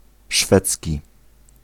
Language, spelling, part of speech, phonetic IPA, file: Polish, szwedzki, adjective / noun, [ˈʃfɛt͡sʲci], Pl-szwedzki.ogg